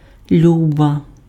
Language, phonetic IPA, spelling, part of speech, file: Ukrainian, [ˈlʲubɐ], люба, adjective / noun, Uk-люба.ogg
- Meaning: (adjective) nominative/vocative feminine singular of лю́бий (ljúbyj); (noun) 1. dear, darling, sweetheart, love (referring to a woman) 2. honey, darling, sweetheart (as a form of address to a woman)